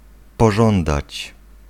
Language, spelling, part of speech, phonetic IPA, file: Polish, pożądać, verb, [pɔˈʒɔ̃ndat͡ɕ], Pl-pożądać.ogg